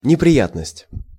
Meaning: 1. slovenliness, unpleasantness 2. trouble
- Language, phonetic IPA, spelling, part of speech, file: Russian, [nʲɪprʲɪˈjatnəsʲtʲ], неприятность, noun, Ru-неприятность.ogg